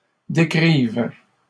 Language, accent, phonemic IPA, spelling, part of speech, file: French, Canada, /de.kʁiv/, décrive, verb, LL-Q150 (fra)-décrive.wav
- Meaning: first/third-person singular present subjunctive of décrire